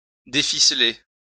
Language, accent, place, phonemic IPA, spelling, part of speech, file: French, France, Lyon, /de.fi.sle/, déficeler, verb, LL-Q150 (fra)-déficeler.wav
- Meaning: to untwine